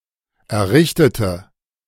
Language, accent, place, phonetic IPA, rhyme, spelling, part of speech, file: German, Germany, Berlin, [ɛɐ̯ˈʁɪçtətə], -ɪçtətə, errichtete, adjective / verb, De-errichtete.ogg
- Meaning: inflection of errichten: 1. first/third-person singular preterite 2. first/third-person singular subjunctive II